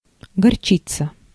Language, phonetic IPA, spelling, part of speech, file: Russian, [ɡɐrˈt͡ɕit͡sə], горчица, noun, Ru-горчица.ogg
- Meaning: mustard